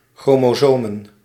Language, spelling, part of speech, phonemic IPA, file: Dutch, chromosomen, noun, /ˌxromoˈzomə(n)/, Nl-chromosomen.ogg
- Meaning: plural of chromosoom